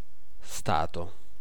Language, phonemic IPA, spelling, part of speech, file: Italian, /ˈsta.to/, stato, noun / verb, It-stato.ogg